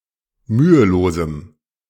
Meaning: strong dative masculine/neuter singular of mühelos
- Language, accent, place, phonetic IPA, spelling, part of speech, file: German, Germany, Berlin, [ˈmyːəˌloːzm̩], mühelosem, adjective, De-mühelosem.ogg